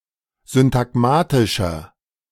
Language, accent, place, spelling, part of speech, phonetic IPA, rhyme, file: German, Germany, Berlin, syntagmatischer, adjective, [zʏntaˈɡmaːtɪʃɐ], -aːtɪʃɐ, De-syntagmatischer.ogg
- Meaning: inflection of syntagmatisch: 1. strong/mixed nominative masculine singular 2. strong genitive/dative feminine singular 3. strong genitive plural